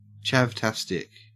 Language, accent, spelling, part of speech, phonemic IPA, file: English, Australia, chavtastic, adjective, /t͡ʃævˈtæstɪk/, En-au-chavtastic.ogg
- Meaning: 1. Very much related to chavs 2. Both fantastic and chavvy